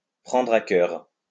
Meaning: to take to heart
- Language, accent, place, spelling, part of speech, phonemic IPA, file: French, France, Lyon, prendre à cœur, verb, /pʁɑ̃.dʁ‿a kœʁ/, LL-Q150 (fra)-prendre à cœur.wav